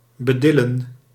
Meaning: to patronise, to treat as less than adult
- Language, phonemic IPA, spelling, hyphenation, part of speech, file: Dutch, /bəˈdɪ.lə(n)/, bedillen, be‧dil‧len, verb, Nl-bedillen.ogg